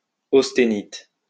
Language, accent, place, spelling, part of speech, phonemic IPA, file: French, France, Lyon, austénite, noun, /os.te.nit/, LL-Q150 (fra)-austénite.wav
- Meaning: austenite